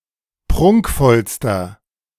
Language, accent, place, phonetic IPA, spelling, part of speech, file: German, Germany, Berlin, [ˈpʁʊŋkfɔlstɐ], prunkvollster, adjective, De-prunkvollster.ogg
- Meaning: inflection of prunkvoll: 1. strong/mixed nominative masculine singular superlative degree 2. strong genitive/dative feminine singular superlative degree 3. strong genitive plural superlative degree